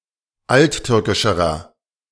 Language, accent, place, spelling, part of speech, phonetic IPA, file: German, Germany, Berlin, alttürkischerer, adjective, [ˈaltˌtʏʁkɪʃəʁɐ], De-alttürkischerer.ogg
- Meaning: inflection of alttürkisch: 1. strong/mixed nominative masculine singular comparative degree 2. strong genitive/dative feminine singular comparative degree 3. strong genitive plural comparative degree